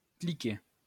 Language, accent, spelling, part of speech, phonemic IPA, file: French, France, cliquer, verb, /kli.ke/, LL-Q150 (fra)-cliquer.wav
- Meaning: to click